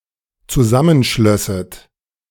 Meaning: second-person plural dependent subjunctive II of zusammenschließen
- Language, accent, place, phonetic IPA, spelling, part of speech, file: German, Germany, Berlin, [t͡suˈzamənˌʃlœsət], zusammenschlösset, verb, De-zusammenschlösset.ogg